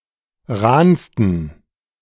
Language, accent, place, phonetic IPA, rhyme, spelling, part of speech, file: German, Germany, Berlin, [ˈʁaːnstn̩], -aːnstn̩, rahnsten, adjective, De-rahnsten.ogg
- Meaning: 1. superlative degree of rahn 2. inflection of rahn: strong genitive masculine/neuter singular superlative degree